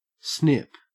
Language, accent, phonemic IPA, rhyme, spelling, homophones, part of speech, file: English, Australia, /snɪp/, -ɪp, snip, SNP, verb / noun, En-au-snip.ogg
- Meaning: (verb) 1. To cut with short sharp actions, as with scissors 2. To reduce the price of a product, to create a snip 3. To break off; to snatch away 4. To circumcise 5. To perform a vasectomy